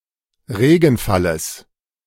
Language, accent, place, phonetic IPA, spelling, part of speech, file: German, Germany, Berlin, [ˈʁeːɡn̩ˌfaləs], Regenfalles, noun, De-Regenfalles.ogg
- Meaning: genitive singular of Regenfall